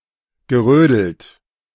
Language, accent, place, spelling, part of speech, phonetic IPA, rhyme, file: German, Germany, Berlin, gerödelt, verb, [ɡəˈʁøːdl̩t], -øːdl̩t, De-gerödelt.ogg
- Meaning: past participle of rödeln